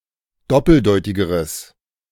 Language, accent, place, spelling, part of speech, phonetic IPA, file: German, Germany, Berlin, doppeldeutigeres, adjective, [ˈdɔpl̩ˌdɔɪ̯tɪɡəʁəs], De-doppeldeutigeres.ogg
- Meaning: strong/mixed nominative/accusative neuter singular comparative degree of doppeldeutig